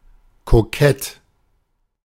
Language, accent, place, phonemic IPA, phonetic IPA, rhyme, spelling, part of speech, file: German, Germany, Berlin, /koˈkɛt/, [kʰoˈkʰɛtʰ], -ɛt, kokett, adjective, De-kokett.ogg
- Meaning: coquettish, flirtatious